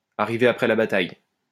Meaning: to come a day after the fair, to close the stable door after the horse has bolted
- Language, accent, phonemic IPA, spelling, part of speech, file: French, France, /a.ʁi.ve a.pʁɛ la ba.taj/, arriver après la bataille, verb, LL-Q150 (fra)-arriver après la bataille.wav